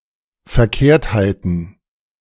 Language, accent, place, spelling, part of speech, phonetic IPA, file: German, Germany, Berlin, Verkehrtheiten, noun, [fɛɐ̯ˈkeːɐ̯thaɪ̯tn̩], De-Verkehrtheiten.ogg
- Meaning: plural of Verkehrtheit